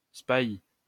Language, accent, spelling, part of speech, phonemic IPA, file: French, France, spahi, noun, /spa.i/, LL-Q150 (fra)-spahi.wav
- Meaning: spahi